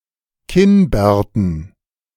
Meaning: dative plural of Kinnbart
- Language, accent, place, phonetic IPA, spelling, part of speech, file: German, Germany, Berlin, [ˈkɪnˌbɛːɐ̯tn̩], Kinnbärten, noun, De-Kinnbärten.ogg